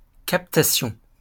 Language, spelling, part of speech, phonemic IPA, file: French, captation, noun, /kap.ta.sjɔ̃/, LL-Q150 (fra)-captation.wav
- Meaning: inveiglement, captation